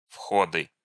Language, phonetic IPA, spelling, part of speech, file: Russian, [ˈfxodɨ], входы, noun, Ru-входы.ogg
- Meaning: nominative/accusative plural of вход (vxod)